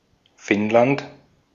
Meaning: Finland (a country in Northern Europe)
- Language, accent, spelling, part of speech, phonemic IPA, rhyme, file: German, Austria, Finnland, proper noun, /ˈfɪnlant/, -ant, De-at-Finnland.ogg